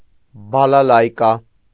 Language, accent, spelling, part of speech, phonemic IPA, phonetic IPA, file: Armenian, Eastern Armenian, բալալայկա, noun, /bɑlɑˈlɑjkɑ/, [bɑlɑlɑ́jkɑ], Hy-բալալայկա.ogg
- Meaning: balalaika